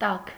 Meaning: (adjective) 1. warm, hot 2. affectionate, warm-hearted 3. hot-tempered; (noun) 1. heat 2. warm weather, warm days; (adverb) warmly
- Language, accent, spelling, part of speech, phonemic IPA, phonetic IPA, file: Armenian, Eastern Armenian, տաք, adjective / noun / adverb, /tɑkʰ/, [tɑkʰ], Hy-տաք.ogg